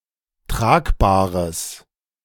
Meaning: strong/mixed nominative/accusative neuter singular of tragbar
- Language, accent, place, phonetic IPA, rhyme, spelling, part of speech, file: German, Germany, Berlin, [ˈtʁaːkbaːʁəs], -aːkbaːʁəs, tragbares, adjective, De-tragbares.ogg